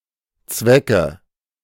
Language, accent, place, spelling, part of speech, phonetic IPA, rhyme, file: German, Germany, Berlin, Zwecke, noun, [ˈt͡svɛkə], -ɛkə, De-Zwecke.ogg
- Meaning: 1. nominative/accusative/genitive plural of Zweck 2. thumbtack